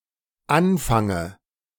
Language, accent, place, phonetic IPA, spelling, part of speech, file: German, Germany, Berlin, [ˈanˌfaŋə], anfange, verb, De-anfange.ogg
- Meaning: inflection of anfangen: 1. first-person singular dependent present 2. first/third-person singular dependent subjunctive I